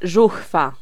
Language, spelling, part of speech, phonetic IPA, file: Polish, żuchwa, noun, [ˈʒuxfa], Pl-żuchwa.ogg